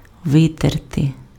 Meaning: to wipe
- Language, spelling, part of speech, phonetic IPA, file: Ukrainian, витерти, verb, [ˈʋɪterte], Uk-витерти.ogg